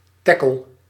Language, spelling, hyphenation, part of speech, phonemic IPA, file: Dutch, teckel, tec‧kel, noun, /ˈtɛkəl/, Nl-teckel.ogg
- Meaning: dachshund